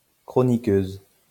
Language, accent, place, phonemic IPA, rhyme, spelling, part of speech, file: French, France, Lyon, /kʁɔ.ni.køz/, -øz, chroniqueuse, noun, LL-Q150 (fra)-chroniqueuse.wav
- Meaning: female equivalent of chroniqueur